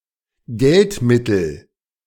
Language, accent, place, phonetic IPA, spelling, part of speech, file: German, Germany, Berlin, [ˈɡɛltˌmɪtl̩], Geldmittel, noun, De-Geldmittel.ogg
- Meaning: financial means